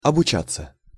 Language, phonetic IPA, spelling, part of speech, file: Russian, [ɐbʊˈt͡ɕat͡sːə], обучаться, verb, Ru-обучаться.ogg
- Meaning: 1. to get trained (in), to receive training (in), to learn, to study 2. passive of обуча́ть (obučátʹ)